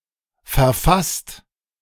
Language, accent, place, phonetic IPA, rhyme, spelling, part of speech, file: German, Germany, Berlin, [fɛɐ̯ˈfast], -ast, verfasst, verb, De-verfasst.ogg
- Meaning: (verb) past participle of verfassen; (adjective) drafted, composed, written